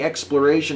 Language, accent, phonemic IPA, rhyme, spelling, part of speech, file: English, US, /ˌɛkspləˈɹeɪʃən/, -eɪʃən, exploration, noun, En-us-exploration.ogg
- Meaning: 1. The process of exploring 2. The process of penetrating, or ranging over for purposes of (especially geographical) discovery